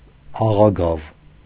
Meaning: 1. by reason of, because of 2. for the purpose of
- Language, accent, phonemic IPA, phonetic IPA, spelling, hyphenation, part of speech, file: Armenian, Eastern Armenian, /ɑʁɑˈɡɑv/, [ɑʁɑɡɑ́v], աղագավ, ա‧ղա‧գավ, postposition, Hy-աղագավ.ogg